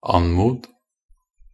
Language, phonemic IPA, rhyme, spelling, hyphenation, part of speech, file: Norwegian Bokmål, /ˈan.muːd/, -uːd, anmod, an‧mod, verb, Nb-anmod.ogg
- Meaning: imperative of anmode